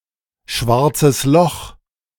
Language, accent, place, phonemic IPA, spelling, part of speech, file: German, Germany, Berlin, /ˈʃvaʁt͡səs lɔx/, schwarzes Loch, noun, De-schwarzes Loch.ogg
- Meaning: black hole (celestial body)